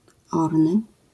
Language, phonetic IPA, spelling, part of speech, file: Polish, [ˈɔrnɨ], orny, adjective, LL-Q809 (pol)-orny.wav